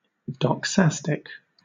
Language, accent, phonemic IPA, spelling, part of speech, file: English, Southern England, /dɒkˈsæstɪk/, doxastic, adjective / noun, LL-Q1860 (eng)-doxastic.wav
- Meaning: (adjective) Of, pertaining to, or depending on opinion or belief; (noun) A conjectural statement or utterance